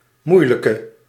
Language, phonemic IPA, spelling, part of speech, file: Dutch, /ˈmuːjləkə/, moeilijke, adjective, Nl-moeilijke.ogg
- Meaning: inflection of moeilijk: 1. masculine/feminine singular attributive 2. definite neuter singular attributive 3. plural attributive